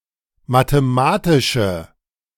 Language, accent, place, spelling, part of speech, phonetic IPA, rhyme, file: German, Germany, Berlin, mathematische, adjective, [mateˈmaːtɪʃə], -aːtɪʃə, De-mathematische.ogg
- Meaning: inflection of mathematisch: 1. strong/mixed nominative/accusative feminine singular 2. strong nominative/accusative plural 3. weak nominative all-gender singular